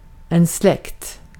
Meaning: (noun) extended family, relatives; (adjective) related
- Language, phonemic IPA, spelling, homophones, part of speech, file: Swedish, /slɛkt/, släkt, släckt, noun / adjective, Sv-släkt.ogg